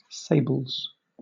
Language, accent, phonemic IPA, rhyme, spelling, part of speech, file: English, Southern England, /ˈseɪbəlz/, -eɪbəlz, sables, noun / adjective, LL-Q1860 (eng)-sables.wav
- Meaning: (noun) 1. plural of sable 2. Black garments worn in mourning; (adjective) Alternative form of sable (“heraldry: black”)